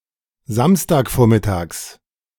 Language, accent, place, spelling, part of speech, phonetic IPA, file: German, Germany, Berlin, Samstagvormittags, noun, [ˈzamstaːkˌfoːɐ̯mɪtaːks], De-Samstagvormittags.ogg
- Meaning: genitive of Samstagvormittag